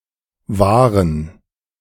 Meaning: 1. to protect, to safeguard 2. to maintain, to preserve
- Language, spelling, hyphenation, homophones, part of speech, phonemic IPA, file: German, wahren, wah‧ren, waren, verb, /vaːrən/, De-wahren.ogg